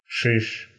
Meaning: 1. rude gesture in which the hand makes a fist and the thumb is stuck between the index and middle fingers, which indicates "nothing for you, nuts to you" 2. devil, demon 3. A highwayman
- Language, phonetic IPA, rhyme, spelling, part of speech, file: Russian, [ʂɨʂ], -ɨʂ, шиш, noun, Ru-шиш.ogg